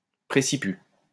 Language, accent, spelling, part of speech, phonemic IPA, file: French, France, préciput, noun, /pʁe.si.py/, LL-Q150 (fra)-préciput.wav
- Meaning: advantage, supplement contractually granted to an heir, a spouse, etc